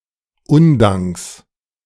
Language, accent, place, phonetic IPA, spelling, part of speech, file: German, Germany, Berlin, [ˈʊndaŋks], Undanks, noun, De-Undanks.ogg
- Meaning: genitive of Undank